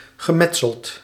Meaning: past participle of metselen
- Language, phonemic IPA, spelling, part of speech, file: Dutch, /ɣəˈmɛtsəlt/, gemetseld, verb, Nl-gemetseld.ogg